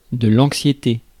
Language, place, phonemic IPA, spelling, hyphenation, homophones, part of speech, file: French, Paris, /ɑ̃k.sje.te/, anxiété, an‧xié‧té, anxiétés, noun, Fr-anxiété.ogg
- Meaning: anxiety